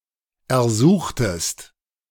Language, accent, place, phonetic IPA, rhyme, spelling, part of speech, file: German, Germany, Berlin, [ɛɐ̯ˈzuːxtəst], -uːxtəst, ersuchtest, verb, De-ersuchtest.ogg
- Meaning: inflection of ersuchen: 1. second-person singular preterite 2. second-person singular subjunctive II